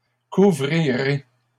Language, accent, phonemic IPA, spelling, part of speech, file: French, Canada, /ku.vʁi.ʁe/, couvrirai, verb, LL-Q150 (fra)-couvrirai.wav
- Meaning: first-person singular future of couvrir